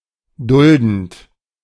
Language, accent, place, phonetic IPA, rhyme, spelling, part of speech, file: German, Germany, Berlin, [ˈdʊldn̩t], -ʊldn̩t, duldend, verb, De-duldend.ogg
- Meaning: present participle of dulden